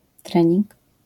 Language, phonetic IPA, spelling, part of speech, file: Polish, [ˈtrɛ̃ɲĩŋk], trening, noun, LL-Q809 (pol)-trening.wav